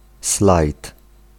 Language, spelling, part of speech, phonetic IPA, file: Polish, slajd, noun, [slajt], Pl-slajd.ogg